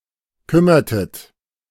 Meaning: inflection of kümmern: 1. second-person plural preterite 2. second-person plural subjunctive II
- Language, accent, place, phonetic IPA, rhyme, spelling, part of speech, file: German, Germany, Berlin, [ˈkʏmɐtət], -ʏmɐtət, kümmertet, verb, De-kümmertet.ogg